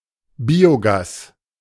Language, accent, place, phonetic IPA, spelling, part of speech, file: German, Germany, Berlin, [ˈbiːoˌɡaːs], Biogas, noun, De-Biogas.ogg
- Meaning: biogas